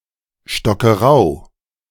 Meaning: a municipality of Lower Austria, Austria
- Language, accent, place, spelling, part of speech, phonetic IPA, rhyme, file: German, Germany, Berlin, Stockerau, proper noun, [ʃtɔkɐˈʁaʊ̯], -aʊ̯, De-Stockerau.ogg